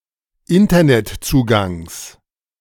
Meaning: genitive singular of Internetzugang
- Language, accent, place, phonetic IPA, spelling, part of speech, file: German, Germany, Berlin, [ˈɪntɐnɛtˌt͡suːɡaŋs], Internetzugangs, noun, De-Internetzugangs.ogg